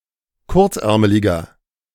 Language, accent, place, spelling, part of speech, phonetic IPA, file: German, Germany, Berlin, kurzärmeliger, adjective, [ˈkʊʁt͡sˌʔɛʁməlɪɡɐ], De-kurzärmeliger.ogg
- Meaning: inflection of kurzärmelig: 1. strong/mixed nominative masculine singular 2. strong genitive/dative feminine singular 3. strong genitive plural